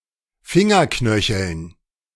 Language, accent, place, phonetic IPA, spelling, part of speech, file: German, Germany, Berlin, [ˈfɪŋɐˌknœçl̩n], Fingerknöcheln, noun, De-Fingerknöcheln.ogg
- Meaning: dative plural of Fingerknöchel